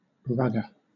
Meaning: 1. rugby 2. rugby player
- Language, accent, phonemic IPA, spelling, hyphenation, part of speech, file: English, Southern England, /ˈɹʌɡə/, rugger, rug‧ger, noun, LL-Q1860 (eng)-rugger.wav